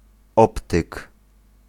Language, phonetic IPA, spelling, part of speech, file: Polish, [ˈɔptɨk], optyk, noun, Pl-optyk.ogg